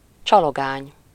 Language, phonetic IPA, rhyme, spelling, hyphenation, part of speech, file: Hungarian, [ˈt͡ʃɒloɡaːɲ], -aːɲ, csalogány, csa‧lo‧gány, noun, Hu-csalogány.ogg
- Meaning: nightingale (bird)